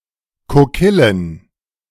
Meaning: plural of Kokille
- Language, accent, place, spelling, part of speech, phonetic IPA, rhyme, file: German, Germany, Berlin, Kokillen, noun, [koˈkɪlən], -ɪlən, De-Kokillen.ogg